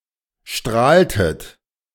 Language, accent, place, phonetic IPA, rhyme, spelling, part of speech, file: German, Germany, Berlin, [ˈʃtʁaːltət], -aːltət, strahltet, verb, De-strahltet.ogg
- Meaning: inflection of strahlen: 1. second-person plural preterite 2. second-person plural subjunctive II